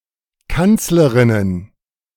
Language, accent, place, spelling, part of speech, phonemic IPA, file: German, Germany, Berlin, Kanzlerinnen, noun, /ˈkantsləʁɪnən/, De-Kanzlerinnen.ogg
- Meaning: plural of Kanzlerin